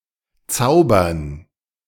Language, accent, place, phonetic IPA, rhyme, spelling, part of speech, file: German, Germany, Berlin, [ˈt͡saʊ̯bɐn], -aʊ̯bɐn, Zaubern, noun, De-Zaubern.ogg
- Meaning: 1. gerund of zaubern 2. dative plural of Zauber